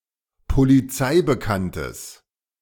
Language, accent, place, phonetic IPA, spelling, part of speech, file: German, Germany, Berlin, [poliˈt͡saɪ̯bəˌkantəs], polizeibekanntes, adjective, De-polizeibekanntes.ogg
- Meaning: strong/mixed nominative/accusative neuter singular of polizeibekannt